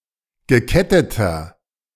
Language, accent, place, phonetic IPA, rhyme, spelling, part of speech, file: German, Germany, Berlin, [ɡəˈkɛtətɐ], -ɛtətɐ, geketteter, adjective, De-geketteter.ogg
- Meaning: inflection of gekettet: 1. strong/mixed nominative masculine singular 2. strong genitive/dative feminine singular 3. strong genitive plural